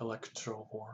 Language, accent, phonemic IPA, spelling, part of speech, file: English, US, /ɪˈlɛktɹəvɔː(ɹ)/, electrovore, noun, Electrovore US.ogg
- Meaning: An organism or entity which feeds on electricity